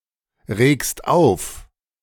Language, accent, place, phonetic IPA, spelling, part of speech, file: German, Germany, Berlin, [ˌʁeːkst ˈaʊ̯f], regst auf, verb, De-regst auf.ogg
- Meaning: second-person singular present of aufregen